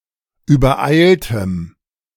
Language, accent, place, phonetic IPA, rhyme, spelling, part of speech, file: German, Germany, Berlin, [yːbɐˈʔaɪ̯ltəm], -aɪ̯ltəm, übereiltem, adjective, De-übereiltem.ogg
- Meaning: strong dative masculine/neuter singular of übereilt